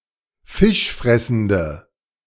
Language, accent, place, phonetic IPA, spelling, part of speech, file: German, Germany, Berlin, [ˈfɪʃˌfʁɛsn̩də], fischfressende, adjective, De-fischfressende.ogg
- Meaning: inflection of fischfressend: 1. strong/mixed nominative/accusative feminine singular 2. strong nominative/accusative plural 3. weak nominative all-gender singular